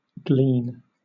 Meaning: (verb) To collect (fruit, grain, or other produce) from a field, an orchard, etc., after the main gathering or harvest
- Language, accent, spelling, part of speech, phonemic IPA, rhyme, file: English, Southern England, glean, verb / noun, /ɡliːn/, -iːn, LL-Q1860 (eng)-glean.wav